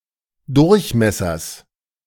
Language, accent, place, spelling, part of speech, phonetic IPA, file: German, Germany, Berlin, Durchmessers, noun, [ˈdʊʁçˌmɛsɐs], De-Durchmessers.ogg
- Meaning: genitive singular of Durchmesser